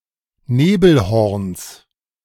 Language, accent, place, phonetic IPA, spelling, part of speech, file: German, Germany, Berlin, [ˈneːbl̩ˌhɔʁns], Nebelhorns, noun, De-Nebelhorns.ogg
- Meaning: genitive singular of Nebelhorn